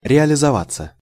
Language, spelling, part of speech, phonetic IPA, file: Russian, реализоваться, verb, [rʲɪəlʲɪzɐˈvat͡sːə], Ru-реализоваться.ogg
- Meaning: 1. to materialize, to appear, to be realized 2. passive of реализова́ть (realizovátʹ)